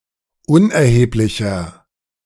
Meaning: 1. comparative degree of unerheblich 2. inflection of unerheblich: strong/mixed nominative masculine singular 3. inflection of unerheblich: strong genitive/dative feminine singular
- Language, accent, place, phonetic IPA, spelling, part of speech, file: German, Germany, Berlin, [ˈʊnʔɛɐ̯heːplɪçɐ], unerheblicher, adjective, De-unerheblicher.ogg